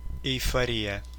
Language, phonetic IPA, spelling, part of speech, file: Russian, [ɪjfɐˈrʲijə], эйфория, noun, Ru-эйфори́я.ogg
- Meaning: euphoria